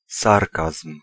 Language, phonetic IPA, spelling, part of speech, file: Polish, [ˈsarkasm̥], sarkazm, noun, Pl-sarkazm.ogg